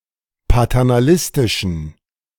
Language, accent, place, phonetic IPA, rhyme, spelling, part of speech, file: German, Germany, Berlin, [patɛʁnaˈlɪstɪʃn̩], -ɪstɪʃn̩, paternalistischen, adjective, De-paternalistischen.ogg
- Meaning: inflection of paternalistisch: 1. strong genitive masculine/neuter singular 2. weak/mixed genitive/dative all-gender singular 3. strong/weak/mixed accusative masculine singular 4. strong dative plural